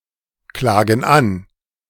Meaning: inflection of anklagen: 1. first/third-person plural present 2. first/third-person plural subjunctive I
- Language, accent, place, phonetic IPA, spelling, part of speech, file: German, Germany, Berlin, [ˌklaːɡn̩ ˈan], klagen an, verb, De-klagen an.ogg